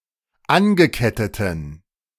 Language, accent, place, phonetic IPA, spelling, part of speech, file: German, Germany, Berlin, [ˈanɡəˌkɛtətn̩], angeketteten, adjective, De-angeketteten.ogg
- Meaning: inflection of angekettet: 1. strong genitive masculine/neuter singular 2. weak/mixed genitive/dative all-gender singular 3. strong/weak/mixed accusative masculine singular 4. strong dative plural